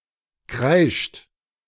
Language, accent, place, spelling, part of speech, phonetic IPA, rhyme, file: German, Germany, Berlin, kreischt, verb, [kʁaɪ̯ʃt], -aɪ̯ʃt, De-kreischt.ogg
- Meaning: inflection of kreischen: 1. third-person singular present 2. second-person plural present 3. plural imperative